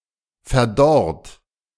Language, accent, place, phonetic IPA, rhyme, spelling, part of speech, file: German, Germany, Berlin, [fɛɐ̯ˈdɔʁt], -ɔʁt, verdorrt, adjective / verb, De-verdorrt.ogg
- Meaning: 1. past participle of verdorren 2. inflection of verdorren: third-person singular present 3. inflection of verdorren: second-person plural present 4. inflection of verdorren: plural imperative